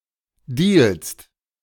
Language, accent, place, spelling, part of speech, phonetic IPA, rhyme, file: German, Germany, Berlin, dealst, verb, [diːlst], -iːlst, De-dealst.ogg
- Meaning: second-person singular present of dealen